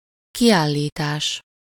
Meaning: 1. verbal noun of kiállít: issue, issuance (of a document) 2. exhibition (large scale public showing of objects or products)
- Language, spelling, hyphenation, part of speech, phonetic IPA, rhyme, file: Hungarian, kiállítás, ki‧ál‧lí‧tás, noun, [ˈkijaːlːiːtaːʃ], -aːʃ, Hu-kiállítás.ogg